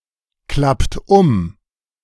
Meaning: inflection of umklappen: 1. second-person plural present 2. third-person singular present 3. plural imperative
- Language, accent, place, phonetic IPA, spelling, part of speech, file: German, Germany, Berlin, [ˌklapt ˈʊm], klappt um, verb, De-klappt um.ogg